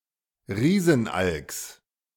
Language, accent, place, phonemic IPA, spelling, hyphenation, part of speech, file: German, Germany, Berlin, /ˈʁiːzn̩ˌʔalks/, Riesenalks, Rie‧sen‧alks, noun, De-Riesenalks.ogg
- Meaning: genitive of Riesenalk